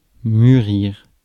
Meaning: 1. to mature, to become mature 2. to ripen, to become ripe 3. to mature, to cause to be mature
- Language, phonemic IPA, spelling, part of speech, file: French, /my.ʁiʁ/, mûrir, verb, Fr-mûrir.ogg